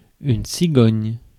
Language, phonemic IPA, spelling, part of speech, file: French, /si.ɡɔɲ/, cigogne, noun, Fr-cigogne.ogg
- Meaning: stork